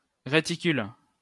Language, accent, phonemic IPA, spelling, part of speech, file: French, France, /ʁe.ti.kyl/, réticule, noun, LL-Q150 (fra)-réticule.wav
- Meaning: reticle